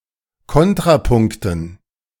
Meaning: dative plural of Kontrapunkt
- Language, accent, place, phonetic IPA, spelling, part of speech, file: German, Germany, Berlin, [ˈkɔntʁaˌpʊŋktn̩], Kontrapunkten, noun, De-Kontrapunkten.ogg